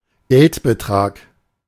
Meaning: amount (of money)
- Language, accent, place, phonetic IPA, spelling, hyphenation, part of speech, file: German, Germany, Berlin, [ˈɡɛltbəˌtʁaːk], Geldbetrag, Geld‧be‧trag, noun, De-Geldbetrag.ogg